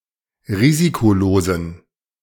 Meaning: inflection of risikolos: 1. strong genitive masculine/neuter singular 2. weak/mixed genitive/dative all-gender singular 3. strong/weak/mixed accusative masculine singular 4. strong dative plural
- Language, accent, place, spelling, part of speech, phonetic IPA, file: German, Germany, Berlin, risikolosen, adjective, [ˈʁiːzikoˌloːzn̩], De-risikolosen.ogg